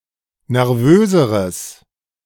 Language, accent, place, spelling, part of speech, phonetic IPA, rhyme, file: German, Germany, Berlin, nervöseres, adjective, [nɛʁˈvøːzəʁəs], -øːzəʁəs, De-nervöseres.ogg
- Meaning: strong/mixed nominative/accusative neuter singular comparative degree of nervös